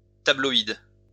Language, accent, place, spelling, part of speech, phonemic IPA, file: French, France, Lyon, tabloïd, adjective / noun, /ta.blɔ.id/, LL-Q150 (fra)-tabloïd.wav
- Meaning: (adjective) tabloid; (noun) 1. tabloid (newspaper) 2. tabloid, tablet